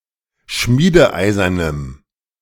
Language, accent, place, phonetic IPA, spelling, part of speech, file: German, Germany, Berlin, [ˈʃmiːdəˌʔaɪ̯zɐnəm], schmiedeeisernem, adjective, De-schmiedeeisernem.ogg
- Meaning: strong dative masculine/neuter singular of schmiedeeisern